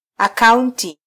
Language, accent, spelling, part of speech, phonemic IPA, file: Swahili, Kenya, akaunti, noun, /ɑ.kɑˈun.ti/, Sw-ke-akaunti.flac
- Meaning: 1. account (reckoning, calculation) 2. account (authorization to use a service) 3. account